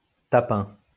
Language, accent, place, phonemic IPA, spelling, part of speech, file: French, France, Lyon, /ta.pɛ̃/, tapin, noun, LL-Q150 (fra)-tapin.wav
- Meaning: 1. drummer 2. daily grind; job 3. touting; soliciting (for sex work) 4. prostitute